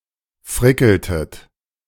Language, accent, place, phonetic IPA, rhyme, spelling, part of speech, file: German, Germany, Berlin, [ˈfʁɪkl̩tət], -ɪkl̩tət, frickeltet, verb, De-frickeltet.ogg
- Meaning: inflection of frickeln: 1. second-person plural preterite 2. second-person plural subjunctive II